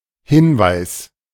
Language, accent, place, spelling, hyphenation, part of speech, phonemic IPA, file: German, Germany, Berlin, Hinweis, Hin‧weis, noun, /ˈhɪnvaɪ̯s/, De-Hinweis.ogg
- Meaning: 1. hint; clue; pointer; an act or thing which makes someone aware of something 2. evidence, cue 3. advice, instruction